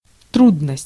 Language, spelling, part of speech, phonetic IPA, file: Russian, трудность, noun, [ˈtrudnəsʲtʲ], Ru-трудность.ogg
- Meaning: 1. difficulty (state of being difficult) 2. obstacle, problem, trouble